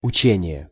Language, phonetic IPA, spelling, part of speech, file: Russian, [ʊˈt͡ɕenʲɪje], учение, noun, Ru-учение.ogg
- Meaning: 1. learning, instruction, training, drill, exercising 2. doctrine 3. apprenticeship